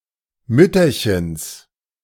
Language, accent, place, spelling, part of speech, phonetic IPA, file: German, Germany, Berlin, Mütterchens, noun, [ˈmʏtɐçəns], De-Mütterchens.ogg
- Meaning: genitive of Mütterchen